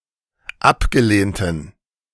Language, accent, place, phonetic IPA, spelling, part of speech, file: German, Germany, Berlin, [ˈapɡəˌleːntn̩], abgelehnten, adjective, De-abgelehnten.ogg
- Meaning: inflection of abgelehnt: 1. strong genitive masculine/neuter singular 2. weak/mixed genitive/dative all-gender singular 3. strong/weak/mixed accusative masculine singular 4. strong dative plural